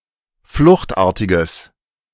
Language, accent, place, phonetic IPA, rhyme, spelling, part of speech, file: German, Germany, Berlin, [ˈflʊxtˌʔaːɐ̯tɪɡəs], -ʊxtʔaːɐ̯tɪɡəs, fluchtartiges, adjective, De-fluchtartiges.ogg
- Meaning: strong/mixed nominative/accusative neuter singular of fluchtartig